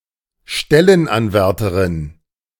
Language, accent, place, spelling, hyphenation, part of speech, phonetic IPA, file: German, Germany, Berlin, Stellenanwärterinnen, Stel‧len‧an‧wär‧te‧rin‧nen, noun, [ˈʃtɛlənˌanvɛʁtəʁɪnən], De-Stellenanwärterinnen.ogg
- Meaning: plural of Stellenanwärterin